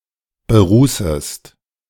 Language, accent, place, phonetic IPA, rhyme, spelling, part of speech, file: German, Germany, Berlin, [bəˈʁuːsəst], -uːsəst, berußest, verb, De-berußest.ogg
- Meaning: second-person singular subjunctive I of berußen